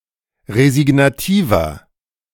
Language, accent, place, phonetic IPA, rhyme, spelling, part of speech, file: German, Germany, Berlin, [ʁezɪɡnaˈtiːvɐ], -iːvɐ, resignativer, adjective, De-resignativer.ogg
- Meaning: inflection of resignativ: 1. strong/mixed nominative masculine singular 2. strong genitive/dative feminine singular 3. strong genitive plural